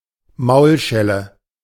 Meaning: box on the ear, cuff on the ear
- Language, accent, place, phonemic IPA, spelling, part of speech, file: German, Germany, Berlin, /ˈmaʊ̯lˌʃɛlə/, Maulschelle, noun, De-Maulschelle.ogg